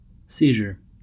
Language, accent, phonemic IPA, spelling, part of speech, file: English, US, /ˈsi.ʒɚ/, seizure, noun / verb, En-us-seizure.ogg
- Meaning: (noun) senses related to possession: 1. The act of taking possession, as by force or right of law 2. The state of being seized or of having been taken